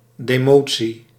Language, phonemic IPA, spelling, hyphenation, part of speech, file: Dutch, /ˌdeːˈmoː.(t)si/, demotie, de‧mo‧tie, noun, Nl-demotie.ogg
- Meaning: demotion